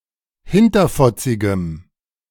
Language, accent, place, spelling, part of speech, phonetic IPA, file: German, Germany, Berlin, hinterfotzigem, adjective, [ˈhɪntɐfɔt͡sɪɡəm], De-hinterfotzigem.ogg
- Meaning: strong dative masculine/neuter singular of hinterfotzig